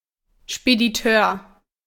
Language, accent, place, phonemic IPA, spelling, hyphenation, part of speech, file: German, Germany, Berlin, /ʃpediˈtøːɐ̯/, Spediteur, Spe‧di‧teur, noun, De-Spediteur.ogg
- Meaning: freight forwarder, carrier